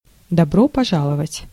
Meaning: welcome!
- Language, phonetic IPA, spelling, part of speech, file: Russian, [dɐˈbro pɐˈʐaɫəvətʲ], добро пожаловать, interjection, Ru-добро пожаловать.ogg